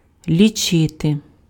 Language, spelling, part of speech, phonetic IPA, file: Ukrainian, лічити, verb, [lʲiˈt͡ʃɪte], Uk-лічити.ogg
- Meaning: to count (enumerate or determine number of)